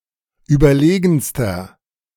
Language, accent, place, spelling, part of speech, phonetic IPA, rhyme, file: German, Germany, Berlin, überlegenster, adjective, [ˌyːbɐˈleːɡn̩stɐ], -eːɡn̩stɐ, De-überlegenster.ogg
- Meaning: inflection of überlegen: 1. strong/mixed nominative masculine singular superlative degree 2. strong genitive/dative feminine singular superlative degree 3. strong genitive plural superlative degree